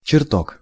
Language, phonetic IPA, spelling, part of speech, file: Russian, [t͡ɕɪrˈtok], чертог, noun, Ru-чертог.ogg
- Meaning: 1. hall (large, rich room) 2. magnificent building, palace